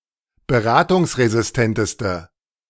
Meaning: inflection of beratungsresistent: 1. strong/mixed nominative/accusative feminine singular superlative degree 2. strong nominative/accusative plural superlative degree
- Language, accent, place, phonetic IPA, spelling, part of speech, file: German, Germany, Berlin, [bəˈʁaːtʊŋsʁezɪsˌtɛntəstə], beratungsresistenteste, adjective, De-beratungsresistenteste.ogg